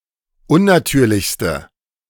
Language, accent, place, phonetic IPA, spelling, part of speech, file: German, Germany, Berlin, [ˈʊnnaˌtyːɐ̯lɪçstə], unnatürlichste, adjective, De-unnatürlichste.ogg
- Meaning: inflection of unnatürlich: 1. strong/mixed nominative/accusative feminine singular superlative degree 2. strong nominative/accusative plural superlative degree